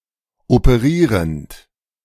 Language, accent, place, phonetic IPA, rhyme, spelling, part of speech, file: German, Germany, Berlin, [opəˈʁiːʁənt], -iːʁənt, operierend, verb, De-operierend.ogg
- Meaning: present participle of operieren